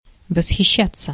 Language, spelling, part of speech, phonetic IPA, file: Russian, восхищаться, verb, [vəsxʲɪˈɕːat͡sːə], Ru-восхищаться.ogg
- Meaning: 1. to be delighted 2. to admire 3. to be carried away 4. passive of восхища́ть (vosxiščátʹ)